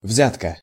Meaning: 1. bribe, graft, palm-oil 2. trick
- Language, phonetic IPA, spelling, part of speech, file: Russian, [ˈvzʲatkə], взятка, noun, Ru-взятка.ogg